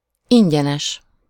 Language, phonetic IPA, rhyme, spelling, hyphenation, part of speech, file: Hungarian, [ˈiɲɟɛnɛʃ], -ɛʃ, ingyenes, in‧gye‧nes, adjective, Hu-ingyenes.ogg
- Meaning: free (obtainable without payment)